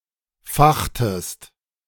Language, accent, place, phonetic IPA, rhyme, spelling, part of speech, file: German, Germany, Berlin, [ˈfaxtəst], -axtəst, fachtest, verb, De-fachtest.ogg
- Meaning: inflection of fachen: 1. second-person singular preterite 2. second-person singular subjunctive II